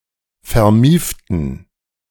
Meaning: inflection of vermieft: 1. strong genitive masculine/neuter singular 2. weak/mixed genitive/dative all-gender singular 3. strong/weak/mixed accusative masculine singular 4. strong dative plural
- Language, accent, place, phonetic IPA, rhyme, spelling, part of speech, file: German, Germany, Berlin, [fɛɐ̯ˈmiːftn̩], -iːftn̩, vermieften, adjective, De-vermieften.ogg